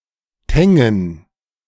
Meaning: a municipality of Baden-Württemberg, Germany
- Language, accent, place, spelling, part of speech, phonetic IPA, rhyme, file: German, Germany, Berlin, Tengen, proper noun, [ˈtɛŋən], -ɛŋən, De-Tengen.ogg